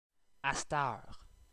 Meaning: alternative form of à cette heure (“presently”)
- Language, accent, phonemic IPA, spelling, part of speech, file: French, Canada, /as.tœʁ/, astheure, adverb, Qc-astheure.ogg